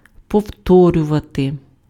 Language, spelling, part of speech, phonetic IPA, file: Ukrainian, повторювати, verb, [pɔu̯ˈtɔrʲʊʋɐte], Uk-повторювати.ogg
- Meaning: 1. to repeat (do again) 2. to repeat, to reiterate (say again)